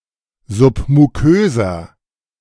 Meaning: inflection of submukös: 1. strong/mixed nominative masculine singular 2. strong genitive/dative feminine singular 3. strong genitive plural
- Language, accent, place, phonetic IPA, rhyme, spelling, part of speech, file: German, Germany, Berlin, [ˌzʊpmuˈkøːzɐ], -øːzɐ, submuköser, adjective, De-submuköser.ogg